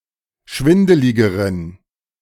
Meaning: inflection of schwindelig: 1. strong genitive masculine/neuter singular comparative degree 2. weak/mixed genitive/dative all-gender singular comparative degree
- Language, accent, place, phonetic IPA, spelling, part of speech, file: German, Germany, Berlin, [ˈʃvɪndəlɪɡəʁən], schwindeligeren, adjective, De-schwindeligeren.ogg